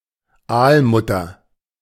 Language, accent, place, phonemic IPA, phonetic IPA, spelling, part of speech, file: German, Germany, Berlin, /ˈaːlˌmʊtɐ/, [ˈʔaːlˌmʊtʰɐ], Aalmutter, noun, De-Aalmutter.ogg
- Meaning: 1. viviparous blenny (Zoarces viviparus) 2. eelpout (fish of the family Zoarcidae)